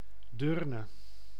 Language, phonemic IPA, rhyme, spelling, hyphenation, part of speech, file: Dutch, /ˈdøːr.nə/, -øːrnə, Deurne, Deur‧ne, proper noun, Nl-Deurne.ogg
- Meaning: 1. a town and municipality of North Brabant, Netherlands 2. Deurne, a district of the city of Antwerp, Belgium 3. Tourinnes-la-Grosse, a village in Belgium